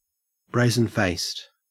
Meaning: Impudent; open and without shame
- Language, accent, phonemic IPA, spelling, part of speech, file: English, Australia, /ˈbɹeɪ.zənˌfeɪst/, brazen-faced, adjective, En-au-brazen-faced.ogg